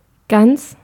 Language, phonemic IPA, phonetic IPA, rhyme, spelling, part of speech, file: German, /ɡan(t)s/, [ɡant͡s], -ants, ganz, adjective / adverb, De-ganz.ogg
- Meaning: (adjective) 1. entire, whole, complete 2. all (with definite article or determiner) 3. whole, intact 4. true; real 5. integer (of a number); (adverb) 1. quite, rather 2. very 3. wholly, entirely, all